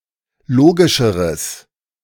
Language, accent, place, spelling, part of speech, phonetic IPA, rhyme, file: German, Germany, Berlin, logischeres, adjective, [ˈloːɡɪʃəʁəs], -oːɡɪʃəʁəs, De-logischeres.ogg
- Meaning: strong/mixed nominative/accusative neuter singular comparative degree of logisch